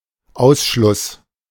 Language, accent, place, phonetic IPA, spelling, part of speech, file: German, Germany, Berlin, [ˈʔaʊ̯sʃlʊs], Ausschluss, noun, De-Ausschluss.ogg
- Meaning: 1. exclusion, expulsion 2. statute of repose